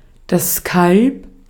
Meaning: calf (young cow)
- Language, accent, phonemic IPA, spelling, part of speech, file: German, Austria, /kalp/, Kalb, noun, De-at-Kalb.ogg